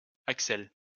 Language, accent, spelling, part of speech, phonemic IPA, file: French, France, Axel, proper noun, /ak.sɛl/, LL-Q150 (fra)-Axel.wav
- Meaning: a male given name from Danish